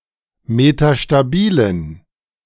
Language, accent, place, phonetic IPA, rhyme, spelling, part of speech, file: German, Germany, Berlin, [metaʃtaˈbiːlən], -iːlən, metastabilen, adjective, De-metastabilen.ogg
- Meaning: inflection of metastabil: 1. strong genitive masculine/neuter singular 2. weak/mixed genitive/dative all-gender singular 3. strong/weak/mixed accusative masculine singular 4. strong dative plural